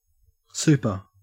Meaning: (adjective) 1. Of excellent quality, superfine 2. Better than average, better than usual; wonderful; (adverb) 1. Very; extremely (used like the prefix super-) 2. Absolutely; utterly
- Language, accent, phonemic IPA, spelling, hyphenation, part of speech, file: English, Australia, /ˈsʉːpə/, super, su‧per, adjective / adverb / noun / verb, En-au-super.ogg